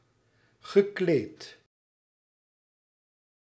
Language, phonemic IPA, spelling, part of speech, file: Dutch, /ɣəˈklet/, gekleed, verb / adjective, Nl-gekleed.ogg
- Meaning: past participle of kleden